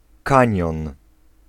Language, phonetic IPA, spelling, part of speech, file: Polish, [ˈkãɲjɔ̃n], kanion, noun, Pl-kanion.ogg